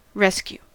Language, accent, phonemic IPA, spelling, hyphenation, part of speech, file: English, US, /ˈɹɛs.kju/, rescue, res‧cue, verb / noun, En-us-rescue.ogg
- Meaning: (verb) 1. To save from any violence, danger or evil 2. To free or liberate from confinement or other physical restraint 3. To recover forcibly, especially from a siege